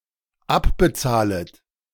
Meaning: second-person plural dependent subjunctive I of abbezahlen
- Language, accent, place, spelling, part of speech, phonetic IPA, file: German, Germany, Berlin, abbezahlet, verb, [ˈapbəˌt͡saːlət], De-abbezahlet.ogg